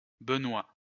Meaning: alternative spelling of Benoît
- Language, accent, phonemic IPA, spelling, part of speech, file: French, France, /bə.nwa/, Benoit, proper noun, LL-Q150 (fra)-Benoit.wav